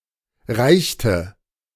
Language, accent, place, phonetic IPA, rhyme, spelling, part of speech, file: German, Germany, Berlin, [ˈʁaɪ̯çtə], -aɪ̯çtə, reichte, verb, De-reichte.ogg
- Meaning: inflection of reichen: 1. first/third-person singular preterite 2. first/third-person singular subjunctive II